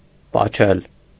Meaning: to kiss
- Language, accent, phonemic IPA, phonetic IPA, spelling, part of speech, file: Armenian, Eastern Armenian, /pɑˈt͡ʃʰel/, [pɑt͡ʃʰél], պաչել, verb, Hy-պաչել.ogg